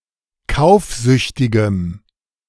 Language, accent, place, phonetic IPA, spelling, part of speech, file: German, Germany, Berlin, [ˈkaʊ̯fˌzʏçtɪɡəm], kaufsüchtigem, adjective, De-kaufsüchtigem.ogg
- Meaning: strong dative masculine/neuter singular of kaufsüchtig